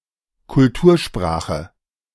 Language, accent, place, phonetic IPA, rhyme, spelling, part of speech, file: German, Germany, Berlin, [kʊlˈtuːɐ̯ˌʃpʁaːxə], -uːɐ̯ʃpʁaːxə, Kultursprache, noun, De-Kultursprache.ogg
- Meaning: language of civilisation; a language used in learning, literature, etc